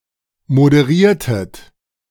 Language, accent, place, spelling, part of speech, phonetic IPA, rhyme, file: German, Germany, Berlin, moderiertet, verb, [modəˈʁiːɐ̯tət], -iːɐ̯tət, De-moderiertet.ogg
- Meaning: inflection of moderieren: 1. second-person plural preterite 2. second-person plural subjunctive II